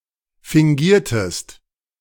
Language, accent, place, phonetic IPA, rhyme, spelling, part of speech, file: German, Germany, Berlin, [fɪŋˈɡiːɐ̯təst], -iːɐ̯təst, fingiertest, verb, De-fingiertest.ogg
- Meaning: inflection of fingieren: 1. second-person singular preterite 2. second-person singular subjunctive II